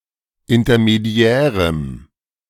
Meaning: strong dative masculine/neuter singular of intermediär
- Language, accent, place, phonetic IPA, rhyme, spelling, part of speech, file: German, Germany, Berlin, [ɪntɐmeˈdi̯ɛːʁəm], -ɛːʁəm, intermediärem, adjective, De-intermediärem.ogg